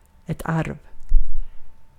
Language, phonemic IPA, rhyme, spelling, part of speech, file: Swedish, /arv/, -arv, arv, noun, Sv-arv.ogg
- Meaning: 1. inheritance; the passing of titles, property etc upon someone's death 2. inheritance, the passing of qualities by means of genes 3. inheritance, the passing of properties to child objects